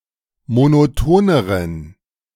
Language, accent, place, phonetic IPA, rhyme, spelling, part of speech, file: German, Germany, Berlin, [monoˈtoːnəʁən], -oːnəʁən, monotoneren, adjective, De-monotoneren.ogg
- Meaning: inflection of monoton: 1. strong genitive masculine/neuter singular comparative degree 2. weak/mixed genitive/dative all-gender singular comparative degree